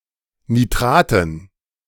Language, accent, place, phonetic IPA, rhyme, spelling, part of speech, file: German, Germany, Berlin, [niˈtʁaːtn̩], -aːtn̩, Nitraten, noun, De-Nitraten.ogg
- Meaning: dative plural of Nitrat